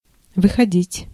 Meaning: 1. to go out, to come out, to walk out 2. to withdraw, to retire 3. to appear, to be published, to be issued 4. to turn out, to result 5. to happen, to arise, to originate
- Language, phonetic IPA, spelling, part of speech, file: Russian, [vɨxɐˈdʲitʲ], выходить, verb, Ru-выходить.ogg